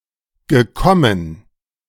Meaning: past participle of kommen
- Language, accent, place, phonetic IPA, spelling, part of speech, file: German, Germany, Berlin, [ɡəˈkɔmən], gekommen, verb, De-gekommen.ogg